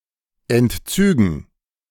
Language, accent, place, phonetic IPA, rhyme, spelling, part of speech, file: German, Germany, Berlin, [ɛntˈt͡syːɡn̩], -yːɡn̩, Entzügen, noun, De-Entzügen.ogg
- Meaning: dative plural of Entzug